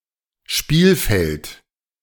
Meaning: field (sports)
- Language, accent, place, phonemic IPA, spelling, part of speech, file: German, Germany, Berlin, /ˈʃpiːlfɛlt/, Spielfeld, noun, De-Spielfeld.ogg